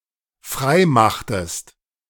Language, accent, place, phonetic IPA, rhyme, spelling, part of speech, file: German, Germany, Berlin, [ˈfʁaɪ̯ˌmaxtəst], -aɪ̯maxtəst, freimachtest, verb, De-freimachtest.ogg
- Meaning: inflection of freimachen: 1. second-person singular dependent preterite 2. second-person singular dependent subjunctive II